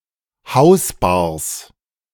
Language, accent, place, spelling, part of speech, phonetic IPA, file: German, Germany, Berlin, Hausbars, noun, [ˈhaʊ̯sˌbaːɐ̯s], De-Hausbars.ogg
- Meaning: plural of Hausbar